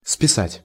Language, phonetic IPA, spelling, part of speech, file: Russian, [spʲɪˈsatʲ], списать, verb, Ru-списать.ogg
- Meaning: 1. to copy (writings) 2. to plagiarize (writings) 3. to deduct, to charge, to debit (a monetary sum from an account) 4. to write off, to decommission